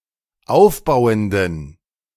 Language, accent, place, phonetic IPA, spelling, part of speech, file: German, Germany, Berlin, [ˈaʊ̯fˌbaʊ̯əndn̩], aufbauenden, adjective, De-aufbauenden.ogg
- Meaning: inflection of aufbauend: 1. strong genitive masculine/neuter singular 2. weak/mixed genitive/dative all-gender singular 3. strong/weak/mixed accusative masculine singular 4. strong dative plural